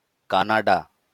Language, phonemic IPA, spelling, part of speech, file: Bengali, /ka.na.ɖa/, কানাডা, proper noun, LL-Q9610 (ben)-কানাডা.wav
- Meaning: Canada (a country in North America)